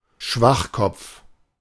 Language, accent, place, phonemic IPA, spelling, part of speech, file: German, Germany, Berlin, /ˈʃvaxkɔpf/, Schwachkopf, noun, De-Schwachkopf.ogg
- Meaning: dimwit, idiot, jerk